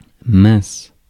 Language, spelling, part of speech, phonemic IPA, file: French, mince, adjective / interjection, /mɛ̃s/, Fr-mince.ogg
- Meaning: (adjective) thin, slim, slender; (interjection) 1. drat!, darn! 2. wow!, blimey!